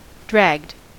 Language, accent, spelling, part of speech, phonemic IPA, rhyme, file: English, US, dragged, verb, /dɹæɡd/, -æɡd, En-us-dragged.ogg
- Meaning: simple past and past participle of drag